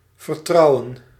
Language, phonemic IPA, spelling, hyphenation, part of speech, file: Dutch, /vərˈtrɑu̯ə(n)/, vertrouwen, ver‧trou‧wen, verb / noun, Nl-vertrouwen.ogg
- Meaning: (verb) 1. to trust 2. to marry; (noun) trust, faith